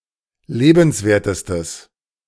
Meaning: strong/mixed nominative/accusative neuter singular superlative degree of lebenswert
- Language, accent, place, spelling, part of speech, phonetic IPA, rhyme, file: German, Germany, Berlin, lebenswertestes, adjective, [ˈleːbn̩sˌveːɐ̯təstəs], -eːbn̩sveːɐ̯təstəs, De-lebenswertestes.ogg